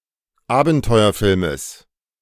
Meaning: genitive of Abenteuerfilm
- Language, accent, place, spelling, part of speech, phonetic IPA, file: German, Germany, Berlin, Abenteuerfilmes, noun, [ˈaːbn̩tɔɪ̯ɐˌfɪlməs], De-Abenteuerfilmes.ogg